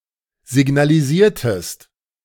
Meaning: inflection of signalisieren: 1. second-person singular preterite 2. second-person singular subjunctive II
- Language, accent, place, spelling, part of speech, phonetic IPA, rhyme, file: German, Germany, Berlin, signalisiertest, verb, [zɪɡnaliˈziːɐ̯təst], -iːɐ̯təst, De-signalisiertest.ogg